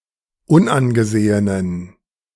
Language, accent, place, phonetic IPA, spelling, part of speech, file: German, Germany, Berlin, [ˈʊnʔanɡəˌzeːənən], unangesehenen, adjective, De-unangesehenen.ogg
- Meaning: inflection of unangesehen: 1. strong genitive masculine/neuter singular 2. weak/mixed genitive/dative all-gender singular 3. strong/weak/mixed accusative masculine singular 4. strong dative plural